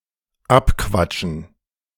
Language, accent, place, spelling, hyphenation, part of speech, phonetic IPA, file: German, Germany, Berlin, abquatschen, ab‧quat‧schen, verb, [ˈapˌkvat͡ʃn̩], De-abquatschen.ogg
- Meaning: to persuade someone to give something away or to give something up